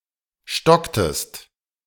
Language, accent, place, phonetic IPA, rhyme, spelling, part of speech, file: German, Germany, Berlin, [ˈʃtɔktəst], -ɔktəst, stocktest, verb, De-stocktest.ogg
- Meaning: inflection of stocken: 1. second-person singular preterite 2. second-person singular subjunctive II